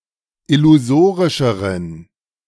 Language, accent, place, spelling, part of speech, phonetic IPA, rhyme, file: German, Germany, Berlin, illusorischeren, adjective, [ɪluˈzoːʁɪʃəʁən], -oːʁɪʃəʁən, De-illusorischeren.ogg
- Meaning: inflection of illusorisch: 1. strong genitive masculine/neuter singular comparative degree 2. weak/mixed genitive/dative all-gender singular comparative degree